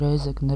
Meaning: Rēzekne (a city in Latvia)
- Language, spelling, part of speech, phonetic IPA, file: Latvian, Rēzekne, proper noun, [ɾɛ̄ːzɛknɛ], Lv-Rēzekne.ogg